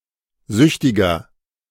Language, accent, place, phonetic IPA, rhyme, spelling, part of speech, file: German, Germany, Berlin, [ˈzʏçtɪɡɐ], -ʏçtɪɡɐ, süchtiger, adjective, De-süchtiger.ogg
- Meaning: 1. comparative degree of süchtig 2. inflection of süchtig: strong/mixed nominative masculine singular 3. inflection of süchtig: strong genitive/dative feminine singular